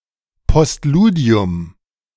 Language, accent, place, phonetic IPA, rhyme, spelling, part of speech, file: German, Germany, Berlin, [pɔstˈluːdi̯ʊm], -uːdi̯ʊm, Postludium, noun, De-Postludium.ogg
- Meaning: postlude